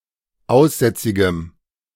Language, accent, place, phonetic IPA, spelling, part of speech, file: German, Germany, Berlin, [ˈaʊ̯sˌzɛt͡sɪɡəm], aussätzigem, adjective, De-aussätzigem.ogg
- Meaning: strong dative masculine/neuter singular of aussätzig